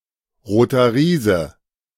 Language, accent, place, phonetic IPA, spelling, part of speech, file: German, Germany, Berlin, [ˌʁoːtɐ ˈʁiːzə], Roter Riese, phrase, De-Roter Riese.ogg
- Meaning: red giant (large red star)